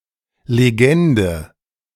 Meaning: 1. legend (story) 2. legend (legendary person) 3. caption, legend (key or explanation to a map, illustration, chart etc.)
- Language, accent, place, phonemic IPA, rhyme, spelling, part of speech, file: German, Germany, Berlin, /leˈɡɛndə/, -ɛndə, Legende, noun, De-Legende.ogg